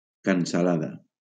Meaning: bacon
- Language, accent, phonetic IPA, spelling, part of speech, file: Catalan, Valencia, [kan.saˈla.ða], cansalada, noun, LL-Q7026 (cat)-cansalada.wav